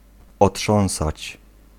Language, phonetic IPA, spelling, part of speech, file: Polish, [ɔˈṭʃɔ̃w̃sat͡ɕ], otrząsać, verb, Pl-otrząsać.ogg